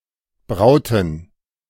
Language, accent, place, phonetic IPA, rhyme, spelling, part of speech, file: German, Germany, Berlin, [ˈbʁaʊ̯tn̩], -aʊ̯tn̩, brauten, verb, De-brauten.ogg
- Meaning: inflection of brauen: 1. first/third-person plural preterite 2. first/third-person plural subjunctive II